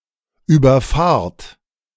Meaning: inflection of überfahren: 1. second-person plural present 2. plural imperative
- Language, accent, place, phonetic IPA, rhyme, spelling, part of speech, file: German, Germany, Berlin, [yːbɐˈfaːɐ̯t], -aːɐ̯t, überfahrt, verb, De-überfahrt.ogg